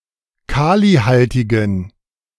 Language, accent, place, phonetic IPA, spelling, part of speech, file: German, Germany, Berlin, [ˈkaːliˌhaltɪɡn̩], kalihaltigen, adjective, De-kalihaltigen.ogg
- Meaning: inflection of kalihaltig: 1. strong genitive masculine/neuter singular 2. weak/mixed genitive/dative all-gender singular 3. strong/weak/mixed accusative masculine singular 4. strong dative plural